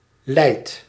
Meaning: inflection of lijden: 1. second/third-person singular present indicative 2. plural imperative
- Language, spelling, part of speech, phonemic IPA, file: Dutch, lijdt, verb, /lɛi̯t/, Nl-lijdt.ogg